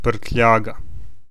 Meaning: luggage
- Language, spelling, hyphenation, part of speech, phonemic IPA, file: Serbo-Croatian, prtljaga, prt‧lja‧ga, noun, /pr̩tʎǎːɡa/, Hr-prtljaga.ogg